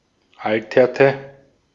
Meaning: inflection of altern: 1. first/third-person singular preterite 2. first/third-person singular subjunctive II
- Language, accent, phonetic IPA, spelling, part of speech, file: German, Austria, [ˈaltɐtə], alterte, verb, De-at-alterte.ogg